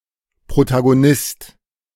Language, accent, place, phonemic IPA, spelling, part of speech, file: German, Germany, Berlin, /pʁotaɡoˈnɪst/, Protagonist, noun, De-Protagonist.ogg
- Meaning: protagonist (main character in a literary work or drama)